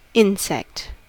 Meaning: An arthropod (in the Insecta class) characterized by six legs, up to four wings, and a chitinous exoskeleton
- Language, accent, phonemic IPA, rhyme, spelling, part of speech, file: English, US, /ˈɪn.sɛkt/, -ɪnsɛkt, insect, noun, En-us-insect.ogg